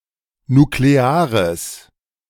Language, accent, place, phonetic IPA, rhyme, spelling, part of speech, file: German, Germany, Berlin, [nukleˈaːʁəs], -aːʁəs, nukleares, adjective, De-nukleares.ogg
- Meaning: strong/mixed nominative/accusative neuter singular of nuklear